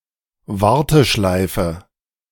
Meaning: hold (telephone queue)
- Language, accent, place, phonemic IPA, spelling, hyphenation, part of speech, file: German, Germany, Berlin, /ˈvaʁtəˌʃlaɪ̯fə/, Warteschleife, War‧te‧schlei‧fe, noun, De-Warteschleife.ogg